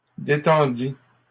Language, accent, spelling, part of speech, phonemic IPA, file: French, Canada, détendit, verb, /de.tɑ̃.di/, LL-Q150 (fra)-détendit.wav
- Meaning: third-person singular past historic of détendre